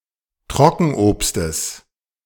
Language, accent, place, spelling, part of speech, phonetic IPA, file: German, Germany, Berlin, Trockenobstes, noun, [ˈtʁɔkn̩ʔoːpstəs], De-Trockenobstes.ogg
- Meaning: genitive singular of Trockenobst